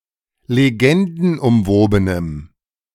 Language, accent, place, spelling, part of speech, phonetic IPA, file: German, Germany, Berlin, legendenumwobenem, adjective, [leˈɡɛndn̩ʔʊmˌvoːbənəm], De-legendenumwobenem.ogg
- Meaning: strong dative masculine/neuter singular of legendenumwoben